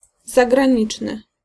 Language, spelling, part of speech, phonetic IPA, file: Polish, zagraniczny, adjective, [ˌzaɡrãˈɲit͡ʃnɨ], Pl-zagraniczny.ogg